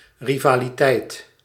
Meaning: rivalry
- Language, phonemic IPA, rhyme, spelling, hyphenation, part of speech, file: Dutch, /ri.vaː.liˈtɛi̯t/, -ɛi̯t, rivaliteit, ri‧va‧li‧teit, noun, Nl-rivaliteit.ogg